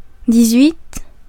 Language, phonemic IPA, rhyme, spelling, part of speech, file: French, /di.z‿ɥit/, -it, dix-huit, numeral, Fr-dix-huit.ogg
- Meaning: eighteen